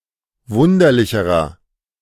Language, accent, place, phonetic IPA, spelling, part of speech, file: German, Germany, Berlin, [ˈvʊndɐlɪçəʁɐ], wunderlicherer, adjective, De-wunderlicherer.ogg
- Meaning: inflection of wunderlich: 1. strong/mixed nominative masculine singular comparative degree 2. strong genitive/dative feminine singular comparative degree 3. strong genitive plural comparative degree